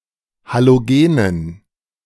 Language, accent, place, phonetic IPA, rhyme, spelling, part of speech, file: German, Germany, Berlin, [ˌhaloˈɡeːnən], -eːnən, Halogenen, noun, De-Halogenen.ogg
- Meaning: dative plural of Halogen